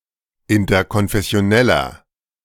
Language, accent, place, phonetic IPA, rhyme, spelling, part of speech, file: German, Germany, Berlin, [ɪntɐkɔnfɛsi̯oˈnɛlɐ], -ɛlɐ, interkonfessioneller, adjective, De-interkonfessioneller.ogg
- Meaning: inflection of interkonfessionell: 1. strong/mixed nominative masculine singular 2. strong genitive/dative feminine singular 3. strong genitive plural